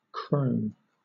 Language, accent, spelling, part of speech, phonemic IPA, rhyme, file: English, Southern England, kroon, noun, /kɹəʊn/, -əʊn, LL-Q1860 (eng)-kroon.wav
- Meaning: The former currency of Estonia, divided into 100 senti